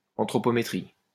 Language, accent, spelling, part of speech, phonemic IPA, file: French, France, anthropométrie, noun, /ɑ̃.tʁɔ.pɔ.me.tʁi/, LL-Q150 (fra)-anthropométrie.wav
- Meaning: anthropometry